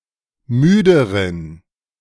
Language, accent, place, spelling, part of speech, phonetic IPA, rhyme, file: German, Germany, Berlin, müderen, adjective, [ˈmyːdəʁən], -yːdəʁən, De-müderen.ogg
- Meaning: inflection of müde: 1. strong genitive masculine/neuter singular comparative degree 2. weak/mixed genitive/dative all-gender singular comparative degree